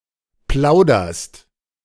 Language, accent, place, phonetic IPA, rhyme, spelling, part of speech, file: German, Germany, Berlin, [ˈplaʊ̯dɐst], -aʊ̯dɐst, plauderst, verb, De-plauderst.ogg
- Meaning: second-person singular present of plaudern